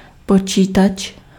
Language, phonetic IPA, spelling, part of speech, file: Czech, [ˈpot͡ʃiːtat͡ʃ], počítač, noun, Cs-počítač.ogg
- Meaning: computer